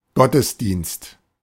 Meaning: 1. worship (religious ceremony) 2. divine service, church service, religious service
- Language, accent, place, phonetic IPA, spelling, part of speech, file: German, Germany, Berlin, [ˈɡɔtəsˌdiːnst], Gottesdienst, noun, De-Gottesdienst.ogg